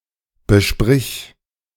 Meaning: singular imperative of besprechen
- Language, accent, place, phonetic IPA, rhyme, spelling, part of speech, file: German, Germany, Berlin, [bəˈʃpʁɪç], -ɪç, besprich, verb, De-besprich.ogg